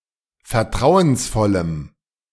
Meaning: strong dative masculine/neuter singular of vertrauensvoll
- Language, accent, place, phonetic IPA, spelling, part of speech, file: German, Germany, Berlin, [fɛɐ̯ˈtʁaʊ̯ənsˌfɔləm], vertrauensvollem, adjective, De-vertrauensvollem.ogg